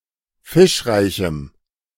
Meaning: strong dative masculine/neuter singular of fischreich
- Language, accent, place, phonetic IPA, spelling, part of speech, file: German, Germany, Berlin, [ˈfɪʃˌʁaɪ̯çm̩], fischreichem, adjective, De-fischreichem.ogg